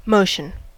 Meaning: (noun) A change whereby something goes from one place to another; a state of progression from one place to another; a change of position with respect to time
- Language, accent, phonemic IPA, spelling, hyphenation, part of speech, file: English, General American, /ˈmoʊ.ʃən/, motion, mot‧ion, noun / verb, En-us-motion.ogg